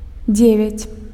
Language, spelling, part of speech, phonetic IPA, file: Belarusian, дзевяць, numeral, [ˈd͡zʲevʲat͡sʲ], Be-дзевяць.ogg
- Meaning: nine